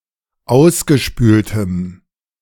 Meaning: strong dative masculine/neuter singular of ausgespült
- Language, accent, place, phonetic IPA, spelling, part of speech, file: German, Germany, Berlin, [ˈaʊ̯sɡəˌʃpyːltəm], ausgespültem, adjective, De-ausgespültem.ogg